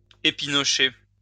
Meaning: to pick at (one's food)
- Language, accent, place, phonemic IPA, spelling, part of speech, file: French, France, Lyon, /e.pi.nɔ.ʃe/, épinocher, verb, LL-Q150 (fra)-épinocher.wav